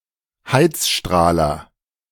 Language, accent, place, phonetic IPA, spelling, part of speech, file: German, Germany, Berlin, [ˈhaɪtsˌʃtʁaːlɐ], Heizstrahler, noun, De-Heizstrahler.ogg
- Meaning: any heater using radiant heating, such as an electric fire without a fan